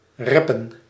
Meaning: 1. to bring up, to mention (often used with van or over) 2. to hurry
- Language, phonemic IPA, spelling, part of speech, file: Dutch, /ˈrɛpə(n)/, reppen, verb, Nl-reppen.ogg